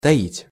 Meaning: 1. to hide, to conceal; to harbour (a feeling) 2. to hold back; to keep secret
- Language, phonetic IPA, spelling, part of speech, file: Russian, [tɐˈitʲ], таить, verb, Ru-таить.ogg